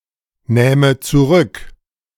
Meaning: first/third-person singular subjunctive II of zurücknehmen
- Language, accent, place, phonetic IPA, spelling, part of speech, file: German, Germany, Berlin, [ˌnɛːmə t͡suˈʁʏk], nähme zurück, verb, De-nähme zurück.ogg